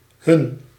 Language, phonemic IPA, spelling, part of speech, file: Dutch, /hʏn/, Hun, noun, Nl-Hun.ogg
- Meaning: 1. a Hun, member of the nomadic tribe 2. a barbarian, brute